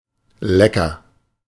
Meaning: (adjective) 1. yummy, tasty 2. attractive (woman or man); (adverb) well, with pleasure (usually referring to eating and drinking)
- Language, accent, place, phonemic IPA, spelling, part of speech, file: German, Germany, Berlin, /ˈlɛkɐ/, lecker, adjective / adverb, De-lecker.ogg